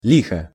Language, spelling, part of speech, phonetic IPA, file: Russian, лихо, noun / adverb / adjective, [ˈlʲixə], Ru-лихо.ogg
- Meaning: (noun) 1. evil, ill, misfortune, trouble 2. An odd number, see the Chetno i licho game; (adverb) dashingly, jauntily; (adjective) short neuter singular of лихо́й (lixój)